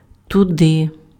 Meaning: there, that way
- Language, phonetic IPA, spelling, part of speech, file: Ukrainian, [tʊˈdɪ], туди, adverb, Uk-туди.ogg